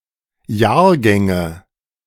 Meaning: nominative/accusative/genitive plural of Jahrgang
- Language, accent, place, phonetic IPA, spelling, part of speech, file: German, Germany, Berlin, [ˈjaːɐ̯ˌɡɛŋə], Jahrgänge, noun, De-Jahrgänge.ogg